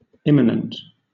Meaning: 1. Naturally part of something; existing throughout and within something; intrinsic 2. Of something which has always already been
- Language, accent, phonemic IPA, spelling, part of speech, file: English, Southern England, /ˈɪmənənt/, immanent, adjective, LL-Q1860 (eng)-immanent.wav